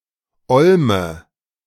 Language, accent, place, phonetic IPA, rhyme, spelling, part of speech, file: German, Germany, Berlin, [ˈɔlmə], -ɔlmə, Olme, noun, De-Olme.ogg
- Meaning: nominative/accusative/genitive plural of Olm